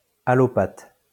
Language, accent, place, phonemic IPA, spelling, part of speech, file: French, France, Lyon, /a.lɔ.pat/, allopathe, noun, LL-Q150 (fra)-allopathe.wav
- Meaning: allopath